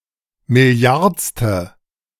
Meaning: billionth
- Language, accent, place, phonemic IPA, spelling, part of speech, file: German, Germany, Berlin, /mɪˈli̯aʁt͡stə/, milliardste, adjective, De-milliardste.ogg